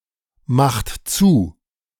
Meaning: inflection of zumachen: 1. third-person singular present 2. second-person plural present 3. plural imperative
- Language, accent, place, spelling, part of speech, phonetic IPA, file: German, Germany, Berlin, macht zu, verb, [ˌmaxt ˈt͡suː], De-macht zu.ogg